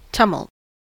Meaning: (noun) 1. Confused, agitated noise as made by a crowd 2. A violent commotion or agitation, often with a confusion of sounds 3. A riot or uprising; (verb) To make a tumult; to be in great commotion
- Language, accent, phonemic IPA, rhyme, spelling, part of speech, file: English, US, /ˈtuː.mʌlt/, -ʌlt, tumult, noun / verb, En-us-tumult.ogg